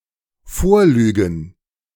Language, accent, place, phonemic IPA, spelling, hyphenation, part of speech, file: German, Germany, Berlin, /ˈfoːɐ̯ˌlyːɡn̩/, vorlügen, vorlügen, verb, De-vorlügen.ogg
- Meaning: to lie about